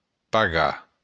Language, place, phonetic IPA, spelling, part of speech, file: Occitan, Béarn, [paˈɣa], pagar, verb, LL-Q14185 (oci)-pagar.wav
- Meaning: to pay